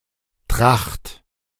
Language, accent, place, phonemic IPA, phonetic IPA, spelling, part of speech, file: German, Germany, Berlin, /traxt/, [tʁaχt], Tracht, noun, De-Tracht.ogg
- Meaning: 1. a style of clothing or appearance, chiefly one that is typical of some group, region or age; a traditional costume 2. pollen carried to the hive